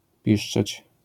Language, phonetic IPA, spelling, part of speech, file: Polish, [ˈpʲiʃt͡ʃɛt͡ɕ], piszczeć, verb, LL-Q809 (pol)-piszczeć.wav